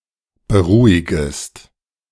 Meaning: second-person singular subjunctive I of beruhigen
- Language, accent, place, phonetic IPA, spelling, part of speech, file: German, Germany, Berlin, [bəˈʁuːɪɡəst], beruhigest, verb, De-beruhigest.ogg